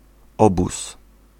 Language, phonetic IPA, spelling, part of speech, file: Polish, [ˈɔbus], obóz, noun, Pl-obóz.ogg